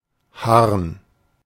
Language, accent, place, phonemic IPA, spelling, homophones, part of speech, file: German, Germany, Berlin, /harn/, Harn, Haaren, noun, De-Harn.ogg
- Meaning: urine